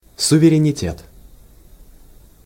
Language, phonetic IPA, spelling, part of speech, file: Russian, [sʊvʲɪrʲɪnʲɪˈtʲet], суверенитет, noun, Ru-суверенитет.ogg
- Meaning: sovereignty